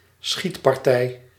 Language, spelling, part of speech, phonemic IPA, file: Dutch, schietpartij, noun, /ˈsxit.pɑr.tɛi̯/, Nl-schietpartij.ogg
- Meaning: shooting, shootout